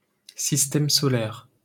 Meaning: solar system
- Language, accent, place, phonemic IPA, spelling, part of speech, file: French, France, Paris, /sis.tɛm sɔ.lɛʁ/, système solaire, noun, LL-Q150 (fra)-système solaire.wav